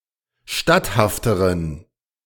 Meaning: inflection of statthaft: 1. strong genitive masculine/neuter singular comparative degree 2. weak/mixed genitive/dative all-gender singular comparative degree
- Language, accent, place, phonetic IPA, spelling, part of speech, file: German, Germany, Berlin, [ˈʃtathaftəʁən], statthafteren, adjective, De-statthafteren.ogg